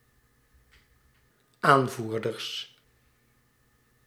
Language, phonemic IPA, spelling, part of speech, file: Dutch, /ˈaɱvurdərs/, aanvoerders, noun, Nl-aanvoerders.ogg
- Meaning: plural of aanvoerder